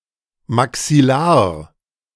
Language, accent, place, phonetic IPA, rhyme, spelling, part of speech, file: German, Germany, Berlin, [maksɪˈlaːɐ̯], -aːɐ̯, maxillar, adjective, De-maxillar.ogg
- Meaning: maxillary